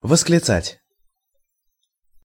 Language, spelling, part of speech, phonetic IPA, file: Russian, восклицать, verb, [vəsklʲɪˈt͡satʲ], Ru-восклицать.ogg
- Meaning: to exclaim, to cry